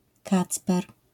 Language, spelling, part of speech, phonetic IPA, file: Polish, Kacper, proper noun, [ˈkat͡spɛr], LL-Q809 (pol)-Kacper.wav